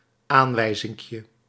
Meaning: diminutive of aanwijzing
- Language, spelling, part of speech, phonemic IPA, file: Dutch, aanwijzinkje, noun, /ˈaɱwɛizɪŋkjə/, Nl-aanwijzinkje.ogg